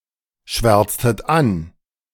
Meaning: inflection of anschwärzen: 1. second-person plural preterite 2. second-person plural subjunctive II
- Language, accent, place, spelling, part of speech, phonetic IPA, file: German, Germany, Berlin, schwärztet an, verb, [ˌʃvɛʁt͡stət ˈan], De-schwärztet an.ogg